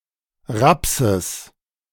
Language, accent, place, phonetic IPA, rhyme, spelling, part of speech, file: German, Germany, Berlin, [ˈʁapsəs], -apsəs, Rapses, noun, De-Rapses.ogg
- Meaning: genitive of Raps